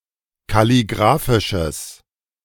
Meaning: strong/mixed nominative/accusative neuter singular of kalligraphisch
- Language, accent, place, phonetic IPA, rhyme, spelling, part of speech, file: German, Germany, Berlin, [kaliˈɡʁaːfɪʃəs], -aːfɪʃəs, kalligraphisches, adjective, De-kalligraphisches.ogg